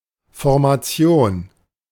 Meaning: 1. formation 2. configuration
- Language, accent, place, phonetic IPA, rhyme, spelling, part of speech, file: German, Germany, Berlin, [fɔʁmaˈt͡si̯oːn], -oːn, Formation, noun, De-Formation.ogg